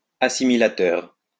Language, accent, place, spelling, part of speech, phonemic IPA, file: French, France, Lyon, assimilateur, adjective, /a.si.mi.la.tœʁ/, LL-Q150 (fra)-assimilateur.wav
- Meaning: assimilative, assimilatory